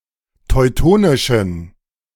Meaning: inflection of teutonisch: 1. strong genitive masculine/neuter singular 2. weak/mixed genitive/dative all-gender singular 3. strong/weak/mixed accusative masculine singular 4. strong dative plural
- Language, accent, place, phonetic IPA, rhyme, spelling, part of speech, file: German, Germany, Berlin, [tɔɪ̯ˈtoːnɪʃn̩], -oːnɪʃn̩, teutonischen, adjective, De-teutonischen.ogg